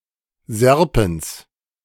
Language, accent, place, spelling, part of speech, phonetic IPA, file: German, Germany, Berlin, serpens, adjective, [ˈzɛʁpɛns], De-serpens.ogg
- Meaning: serpentlike